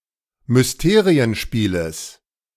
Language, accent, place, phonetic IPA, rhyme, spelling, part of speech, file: German, Germany, Berlin, [mʏsˈteːʁiənˌʃpiːləs], -eːʁiənʃpiːləs, Mysterienspieles, noun, De-Mysterienspieles.ogg
- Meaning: genitive of Mysterienspiel